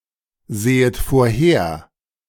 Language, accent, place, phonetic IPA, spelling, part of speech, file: German, Germany, Berlin, [ˌzeːət foːɐ̯ˈheːɐ̯], sehet vorher, verb, De-sehet vorher.ogg
- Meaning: second-person plural subjunctive I of vorhersehen